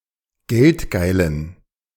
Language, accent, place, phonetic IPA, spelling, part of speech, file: German, Germany, Berlin, [ˈɡɛltˌɡaɪ̯lən], geldgeilen, adjective, De-geldgeilen.ogg
- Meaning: inflection of geldgeil: 1. strong genitive masculine/neuter singular 2. weak/mixed genitive/dative all-gender singular 3. strong/weak/mixed accusative masculine singular 4. strong dative plural